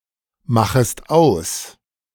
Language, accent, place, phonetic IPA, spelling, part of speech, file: German, Germany, Berlin, [ˌmaxəst ˈaʊ̯s], machest aus, verb, De-machest aus.ogg
- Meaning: second-person singular subjunctive I of ausmachen